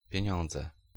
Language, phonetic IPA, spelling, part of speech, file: Polish, [pʲjɛ̇̃ˈɲɔ̃nd͡zɛ], pieniądze, noun, Pl-pieniądze.ogg